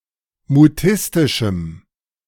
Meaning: strong dative masculine/neuter singular of mutistisch
- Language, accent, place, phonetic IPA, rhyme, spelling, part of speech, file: German, Germany, Berlin, [muˈtɪstɪʃm̩], -ɪstɪʃm̩, mutistischem, adjective, De-mutistischem.ogg